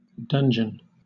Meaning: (noun) 1. An underground prison or vault, typically built underneath a castle 2. The low area between two drumlins 3. The main tower of a motte or castle; a keep or donjon 4. A shrewd person
- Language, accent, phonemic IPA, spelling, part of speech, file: English, Southern England, /ˈdʌn.d͡ʒən/, dungeon, noun / verb, LL-Q1860 (eng)-dungeon.wav